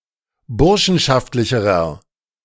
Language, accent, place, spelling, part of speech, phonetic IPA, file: German, Germany, Berlin, burschenschaftlicherer, adjective, [ˈbʊʁʃn̩ʃaftlɪçəʁɐ], De-burschenschaftlicherer.ogg
- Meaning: inflection of burschenschaftlich: 1. strong/mixed nominative masculine singular comparative degree 2. strong genitive/dative feminine singular comparative degree